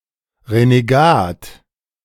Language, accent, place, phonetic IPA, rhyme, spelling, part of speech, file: German, Germany, Berlin, [ʁeneˈɡaːt], -aːt, Renegat, noun, De-Renegat.ogg
- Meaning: renegade (disloyal person who betrays or deserts his cause or religion etc.)